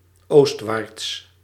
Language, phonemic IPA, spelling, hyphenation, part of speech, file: Dutch, /ˈoːst.ʋaːrts/, oostwaarts, oost‧waarts, adverb / adjective, Nl-oostwaarts.ogg
- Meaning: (adverb) eastwards; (adjective) eastward, easterly